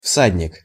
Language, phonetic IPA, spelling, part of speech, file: Russian, [ˈfsadʲnʲɪk], всадник, noun, Ru-всадник.ogg
- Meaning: horseman, equestrian, rider